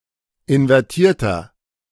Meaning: inflection of invertiert: 1. strong/mixed nominative masculine singular 2. strong genitive/dative feminine singular 3. strong genitive plural
- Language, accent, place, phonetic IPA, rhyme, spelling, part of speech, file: German, Germany, Berlin, [ɪnvɛʁˈtiːɐ̯tɐ], -iːɐ̯tɐ, invertierter, adjective, De-invertierter.ogg